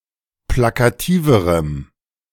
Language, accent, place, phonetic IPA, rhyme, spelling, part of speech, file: German, Germany, Berlin, [ˌplakaˈtiːvəʁəm], -iːvəʁəm, plakativerem, adjective, De-plakativerem.ogg
- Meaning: strong dative masculine/neuter singular comparative degree of plakativ